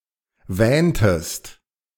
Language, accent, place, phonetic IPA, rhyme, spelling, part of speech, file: German, Germany, Berlin, [ˈvɛːntəst], -ɛːntəst, wähntest, verb, De-wähntest.ogg
- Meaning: inflection of wähnen: 1. second-person singular preterite 2. second-person singular subjunctive II